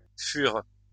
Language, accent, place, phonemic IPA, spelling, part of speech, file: French, France, Lyon, /fyʁ/, fur, noun, LL-Q150 (fra)-fur.wav
- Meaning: only used in au fur et à mesure (“gradually, as you go along”)